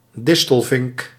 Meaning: European goldfinch, Eurasian goldfinch (Carduelis carduelis)
- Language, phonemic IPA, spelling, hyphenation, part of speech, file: Dutch, /ˈdɪs.təlˌvɪŋk/, distelvink, dis‧tel‧vink, noun, Nl-distelvink.ogg